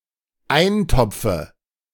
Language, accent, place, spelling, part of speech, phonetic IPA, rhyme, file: German, Germany, Berlin, Eintopfe, noun, [ˈaɪ̯nˌtɔp͡fə], -aɪ̯ntɔp͡fə, De-Eintopfe.ogg
- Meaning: dative singular of Eintopf